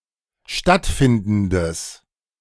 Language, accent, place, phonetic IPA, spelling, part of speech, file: German, Germany, Berlin, [ˈʃtatˌfɪndn̩dəs], stattfindendes, adjective, De-stattfindendes.ogg
- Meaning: strong/mixed nominative/accusative neuter singular of stattfindend